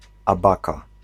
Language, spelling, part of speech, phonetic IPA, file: Polish, abaka, noun, [aˈbaka], Pl-abaka.ogg